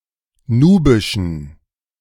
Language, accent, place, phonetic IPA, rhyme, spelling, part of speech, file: German, Germany, Berlin, [ˈnuːbɪʃn̩], -uːbɪʃn̩, nubischen, adjective, De-nubischen.ogg
- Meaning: inflection of nubisch: 1. strong genitive masculine/neuter singular 2. weak/mixed genitive/dative all-gender singular 3. strong/weak/mixed accusative masculine singular 4. strong dative plural